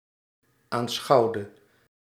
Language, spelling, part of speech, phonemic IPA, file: Dutch, aanschouwde, verb, /anˈsxɑuwdə/, Nl-aanschouwde.ogg
- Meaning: inflection of aanschouwen: 1. singular past indicative 2. singular past subjunctive